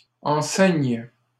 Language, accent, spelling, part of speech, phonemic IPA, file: French, Canada, enceignes, verb, /ɑ̃.sɛɲ/, LL-Q150 (fra)-enceignes.wav
- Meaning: second-person singular present subjunctive of enceindre